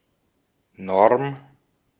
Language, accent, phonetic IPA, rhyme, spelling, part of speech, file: German, Austria, [nɔʁm], -ɔʁm, Norm, noun, De-at-Norm.ogg
- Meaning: 1. norm (rule that is enforced by members of a community) 2. technical norm, such as DIN 3. minimally required performance at work or in sports 4. norm